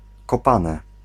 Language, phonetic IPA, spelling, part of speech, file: Polish, [kɔˈpãnɛ], kopane, noun / verb, Pl-kopane.ogg